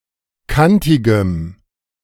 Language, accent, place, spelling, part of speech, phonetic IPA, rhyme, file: German, Germany, Berlin, kantigem, adjective, [ˈkantɪɡəm], -antɪɡəm, De-kantigem.ogg
- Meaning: strong dative masculine/neuter singular of kantig